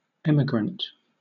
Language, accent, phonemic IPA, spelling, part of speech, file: English, Southern England, /ˈɛmɪɡɹənt/, emigrant, noun, LL-Q1860 (eng)-emigrant.wav
- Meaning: 1. Someone who leaves a country to settle in a new country 2. Any of various pierid butterflies of the genus Catopsilia. Also called a migrant